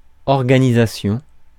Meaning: organization
- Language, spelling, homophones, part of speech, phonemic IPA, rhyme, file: French, organisation, organisations, noun, /ɔʁ.ɡa.ni.za.sjɔ̃/, -ɔ̃, Fr-organisation.ogg